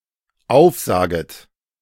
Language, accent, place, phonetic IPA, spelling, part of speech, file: German, Germany, Berlin, [ˈaʊ̯fˌzaːɡət], aufsaget, verb, De-aufsaget.ogg
- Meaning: second-person plural dependent subjunctive I of aufsagen